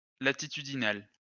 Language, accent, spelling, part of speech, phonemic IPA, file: French, France, latitudinal, adjective, /la.ti.ty.di.nal/, LL-Q150 (fra)-latitudinal.wav
- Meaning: latitudinal (relating to latitude)